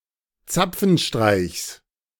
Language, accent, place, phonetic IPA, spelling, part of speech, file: German, Germany, Berlin, [ˈt͡sap͡fn̩ˌʃtʁaɪ̯çs], Zapfenstreichs, noun, De-Zapfenstreichs.ogg
- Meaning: genitive singular of Zapfenstreich